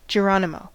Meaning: A cry before jumping out of or into something
- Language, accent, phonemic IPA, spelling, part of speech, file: English, US, /d͡ʒəˈɹɑnɪmoʊ/, geronimo, interjection, En-us-geronimo.ogg